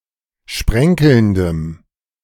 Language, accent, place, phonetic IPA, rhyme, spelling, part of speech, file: German, Germany, Berlin, [ˈʃpʁɛŋkl̩ndəm], -ɛŋkl̩ndəm, sprenkelndem, adjective, De-sprenkelndem.ogg
- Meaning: strong dative masculine/neuter singular of sprenkelnd